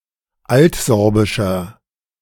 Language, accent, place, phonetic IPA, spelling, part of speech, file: German, Germany, Berlin, [ˈaltˌzɔʁbɪʃɐ], altsorbischer, adjective, De-altsorbischer.ogg
- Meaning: inflection of altsorbisch: 1. strong/mixed nominative masculine singular 2. strong genitive/dative feminine singular 3. strong genitive plural